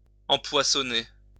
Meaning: to stock with fish; to populate with fish
- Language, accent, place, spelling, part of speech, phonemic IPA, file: French, France, Lyon, empoissonner, verb, /ɑ̃.pwa.sɔ.ne/, LL-Q150 (fra)-empoissonner.wav